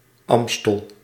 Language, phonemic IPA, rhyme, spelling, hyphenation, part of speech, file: Dutch, /ˈɑm.stəl/, -ɑmstəl, Amstel, Am‧stel, proper noun, Nl-Amstel.ogg
- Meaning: 1. a river in the Netherlands 2. a poetic metonym for Amsterdam, which lies on the river and is named after it